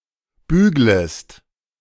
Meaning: second-person singular subjunctive I of bügeln
- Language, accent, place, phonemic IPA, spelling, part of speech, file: German, Germany, Berlin, /ˈbyːɡləst/, büglest, verb, De-büglest.ogg